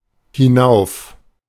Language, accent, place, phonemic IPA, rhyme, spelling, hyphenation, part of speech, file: German, Germany, Berlin, /hɪˈnaʊ̯f/, -aʊ̯f, hinauf, hi‧n‧auf, adverb, De-hinauf.ogg
- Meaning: up; upward; upwards (from the own location upwards, in direction away from the speaker)